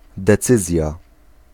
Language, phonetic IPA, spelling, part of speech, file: Polish, [dɛˈt͡sɨzʲja], decyzja, noun, Pl-decyzja.ogg